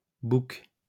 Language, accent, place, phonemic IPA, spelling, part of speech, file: French, France, Lyon, /buk/, boucs, noun, LL-Q150 (fra)-boucs.wav
- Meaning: plural of bouc